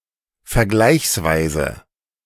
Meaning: 1. comparatively 2. relatively
- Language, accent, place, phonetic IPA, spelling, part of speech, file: German, Germany, Berlin, [fɛɐ̯ˈɡlaɪ̯çsˌvaɪ̯zə], vergleichsweise, adverb, De-vergleichsweise.ogg